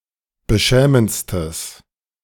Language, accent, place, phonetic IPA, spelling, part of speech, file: German, Germany, Berlin, [bəˈʃɛːmənt͡stəs], beschämendstes, adjective, De-beschämendstes.ogg
- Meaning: strong/mixed nominative/accusative neuter singular superlative degree of beschämend